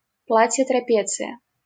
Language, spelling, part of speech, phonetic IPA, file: Russian, трапеция, noun, [trɐˈpʲet͡sɨjə], LL-Q7737 (rus)-трапеция.wav
- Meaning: 1. trapezium (polygon with two parallel sides) 2. trapeze (a swinging horizontal bar, suspended at each end by a rope)